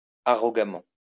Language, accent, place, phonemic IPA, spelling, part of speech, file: French, France, Lyon, /a.ʁɔ.ɡa.mɑ̃/, arrogamment, adverb, LL-Q150 (fra)-arrogamment.wav
- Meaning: arrogantly